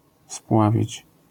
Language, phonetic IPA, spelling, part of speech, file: Polish, [ˈspwavʲit͡ɕ], spławić, verb, LL-Q809 (pol)-spławić.wav